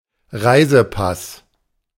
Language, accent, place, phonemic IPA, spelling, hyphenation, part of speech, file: German, Germany, Berlin, /ˈʁaɪ̯zəˌpas/, Reisepass, Rei‧se‧pass, noun, De-Reisepass.ogg
- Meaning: passport